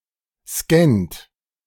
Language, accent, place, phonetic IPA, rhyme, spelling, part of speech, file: German, Germany, Berlin, [skɛnt], -ɛnt, scannt, verb, De-scannt.ogg
- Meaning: inflection of scannen: 1. third-person singular present 2. second-person plural present 3. plural imperative